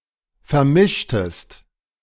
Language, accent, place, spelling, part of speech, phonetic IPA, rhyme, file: German, Germany, Berlin, vermischtest, verb, [fɛɐ̯ˈmɪʃtəst], -ɪʃtəst, De-vermischtest.ogg
- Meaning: inflection of vermischen: 1. second-person singular preterite 2. second-person singular subjunctive II